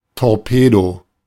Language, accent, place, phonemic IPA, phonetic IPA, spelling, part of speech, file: German, Germany, Berlin, /tɔʁˈpeːdo/, [tʰɔʁˈpʰeːdo], Torpedo, noun, De-Torpedo.ogg
- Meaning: 1. torpedo (weapon) 2. torpedo (fish)